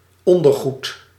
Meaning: underwear
- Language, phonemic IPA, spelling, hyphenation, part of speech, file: Dutch, /ˈɔndərˌɣut/, ondergoed, on‧der‧goed, noun, Nl-ondergoed.ogg